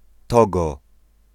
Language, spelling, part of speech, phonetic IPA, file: Polish, Togo, proper noun, [ˈtɔɡɔ], Pl-Togo.ogg